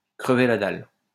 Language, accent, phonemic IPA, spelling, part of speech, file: French, France, /kʁə.ve la dal/, crever la dalle, verb, LL-Q150 (fra)-crever la dalle.wav
- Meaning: to be starving (to be very hungry)